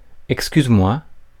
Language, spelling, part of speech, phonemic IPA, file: French, excuse-moi, interjection, /ɛk.skyz.mwa/, Fr-excuse-moi.ogg
- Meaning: excuse me?